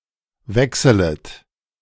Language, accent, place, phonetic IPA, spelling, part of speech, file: German, Germany, Berlin, [ˈvɛksələt], wechselet, verb, De-wechselet.ogg
- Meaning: second-person plural subjunctive I of wechseln